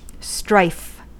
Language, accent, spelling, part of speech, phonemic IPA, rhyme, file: English, US, strife, noun, /stɹaɪf/, -aɪf, En-us-strife.ogg
- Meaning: 1. Striving; earnest endeavor; hard work 2. Exertion or contention for superiority, either by physical or intellectual means 3. Bitter conflict, sometimes violent 4. A trouble of any kind